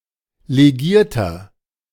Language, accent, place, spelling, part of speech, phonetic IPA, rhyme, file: German, Germany, Berlin, legierter, adjective, [leˈɡiːɐ̯tɐ], -iːɐ̯tɐ, De-legierter.ogg
- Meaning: inflection of legiert: 1. strong/mixed nominative masculine singular 2. strong genitive/dative feminine singular 3. strong genitive plural